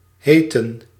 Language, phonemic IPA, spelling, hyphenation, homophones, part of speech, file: Dutch, /ˈɦeː.tə(n)/, heetten, heet‧ten, Heeten / heten, verb, Nl-heetten.ogg
- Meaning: inflection of heten: 1. plural past indicative 2. plural past subjunctive